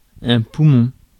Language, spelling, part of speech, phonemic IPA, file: French, poumon, noun, /pu.mɔ̃/, Fr-poumon.ogg
- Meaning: lung